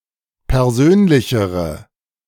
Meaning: inflection of persönlich: 1. strong/mixed nominative/accusative feminine singular comparative degree 2. strong nominative/accusative plural comparative degree
- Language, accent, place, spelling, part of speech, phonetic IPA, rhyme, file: German, Germany, Berlin, persönlichere, adjective, [pɛʁˈzøːnlɪçəʁə], -øːnlɪçəʁə, De-persönlichere.ogg